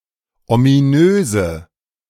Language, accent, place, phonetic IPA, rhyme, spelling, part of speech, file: German, Germany, Berlin, [omiˈnøːzə], -øːzə, ominöse, adjective, De-ominöse.ogg
- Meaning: inflection of ominös: 1. strong/mixed nominative/accusative feminine singular 2. strong nominative/accusative plural 3. weak nominative all-gender singular 4. weak accusative feminine/neuter singular